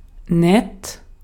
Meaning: 1. nice; friendly; likable 2. kind; sweet; helpful 3. nice; okay; decent; often expressing a more reluctant praise
- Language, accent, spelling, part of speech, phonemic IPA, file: German, Austria, nett, adjective, /nɛt/, De-at-nett.ogg